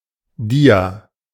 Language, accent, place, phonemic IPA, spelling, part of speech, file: German, Germany, Berlin, /ˈdiː.a/, Dia, noun, De-Dia.ogg
- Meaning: slide (transparent image, to be projected to a screen)